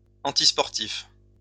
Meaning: 1. unsporting 2. anti-sport
- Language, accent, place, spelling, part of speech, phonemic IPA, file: French, France, Lyon, antisportif, adjective, /ɑ̃.tis.pɔʁ.tif/, LL-Q150 (fra)-antisportif.wav